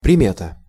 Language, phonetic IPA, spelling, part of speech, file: Russian, [prʲɪˈmʲetə], примета, noun, Ru-примета.ogg
- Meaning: omen, sign, token